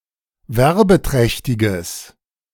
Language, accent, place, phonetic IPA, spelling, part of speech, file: German, Germany, Berlin, [ˈvɛʁbəˌtʁɛçtɪɡəs], werbeträchtiges, adjective, De-werbeträchtiges.ogg
- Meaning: strong/mixed nominative/accusative neuter singular of werbeträchtig